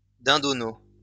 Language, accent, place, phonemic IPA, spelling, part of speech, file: French, France, Lyon, /dɛ̃.dɔ.no/, dindonneau, noun, LL-Q150 (fra)-dindonneau.wav
- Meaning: turkey poult